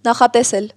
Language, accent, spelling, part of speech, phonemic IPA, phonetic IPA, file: Armenian, Eastern Armenian, նախատեսել, verb, /nɑχɑteˈsel/, [nɑχɑtesél], Hy-նախատեսել.ogg
- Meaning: 1. to envisage, to envision 2. to predict, to anticipate 3. to intend 4. to provide